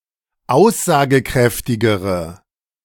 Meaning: inflection of aussagekräftig: 1. strong/mixed nominative/accusative feminine singular comparative degree 2. strong nominative/accusative plural comparative degree
- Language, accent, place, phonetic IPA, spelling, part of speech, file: German, Germany, Berlin, [ˈaʊ̯szaːɡəˌkʁɛftɪɡəʁə], aussagekräftigere, adjective, De-aussagekräftigere.ogg